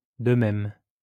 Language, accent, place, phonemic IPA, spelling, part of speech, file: French, France, Lyon, /də mɛm/, de même, adverb, LL-Q150 (fra)-de même.wav
- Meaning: 1. likewise 2. thus, that way